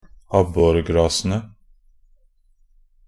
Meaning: definite plural of abborgras
- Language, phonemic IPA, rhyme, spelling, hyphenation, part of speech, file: Norwegian Bokmål, /ˈabːɔrɡrɑːsənə/, -ənə, abborgrasene, ab‧bor‧gra‧se‧ne, noun, Nb-abborgrasene.ogg